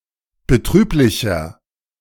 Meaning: 1. comparative degree of betrüblich 2. inflection of betrüblich: strong/mixed nominative masculine singular 3. inflection of betrüblich: strong genitive/dative feminine singular
- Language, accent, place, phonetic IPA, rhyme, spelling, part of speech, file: German, Germany, Berlin, [bəˈtʁyːplɪçɐ], -yːplɪçɐ, betrüblicher, adjective, De-betrüblicher.ogg